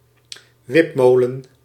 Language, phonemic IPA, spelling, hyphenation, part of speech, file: Dutch, /ˈʋɪpˌmoː.lə(n)/, wipmolen, wip‧mo‧len, noun, Nl-wipmolen.ogg
- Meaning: hollow post mill; wip mill